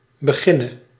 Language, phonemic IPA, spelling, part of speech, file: Dutch, /bəˈɣɪnə/, beginne, verb / noun, Nl-beginne.ogg
- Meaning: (verb) singular present subjunctive of beginnen; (noun) dative singular of begin